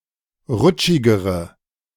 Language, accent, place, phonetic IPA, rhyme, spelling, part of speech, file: German, Germany, Berlin, [ˈʁʊt͡ʃɪɡəʁə], -ʊt͡ʃɪɡəʁə, rutschigere, adjective, De-rutschigere.ogg
- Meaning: inflection of rutschig: 1. strong/mixed nominative/accusative feminine singular comparative degree 2. strong nominative/accusative plural comparative degree